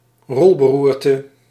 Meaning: a rolling fit; a seizure causing one to roll over the ground (commonly used in hyperbole, typically in relation to fright, surprise or laughing)
- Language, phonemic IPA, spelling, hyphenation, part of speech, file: Dutch, /ˈrɔl.bəˌrur.tə/, rolberoerte, rol‧be‧roer‧te, noun, Nl-rolberoerte.ogg